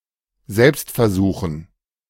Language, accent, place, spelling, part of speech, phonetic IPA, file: German, Germany, Berlin, Selbstversuchen, noun, [ˈzɛlpstfɛɐ̯ˌzuːxn̩], De-Selbstversuchen.ogg
- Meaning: dative plural of Selbstversuch